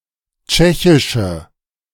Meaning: inflection of tschechisch: 1. strong/mixed nominative/accusative feminine singular 2. strong nominative/accusative plural 3. weak nominative all-gender singular
- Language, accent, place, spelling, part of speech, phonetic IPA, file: German, Germany, Berlin, tschechische, adjective, [ˈt͡ʃɛçɪʃə], De-tschechische.ogg